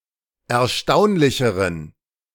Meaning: inflection of erstaunlich: 1. strong genitive masculine/neuter singular comparative degree 2. weak/mixed genitive/dative all-gender singular comparative degree
- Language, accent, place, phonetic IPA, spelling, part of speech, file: German, Germany, Berlin, [ɛɐ̯ˈʃtaʊ̯nlɪçəʁən], erstaunlicheren, adjective, De-erstaunlicheren.ogg